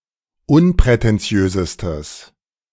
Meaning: strong/mixed nominative/accusative neuter singular superlative degree of unprätentiös
- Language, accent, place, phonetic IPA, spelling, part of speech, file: German, Germany, Berlin, [ˈʊnpʁɛtɛnˌt͡si̯øːzəstəs], unprätentiösestes, adjective, De-unprätentiösestes.ogg